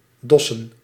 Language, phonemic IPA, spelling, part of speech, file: Dutch, /ˈdɔsə(n)/, dossen, verb / noun, Nl-dossen.ogg
- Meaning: plural of dos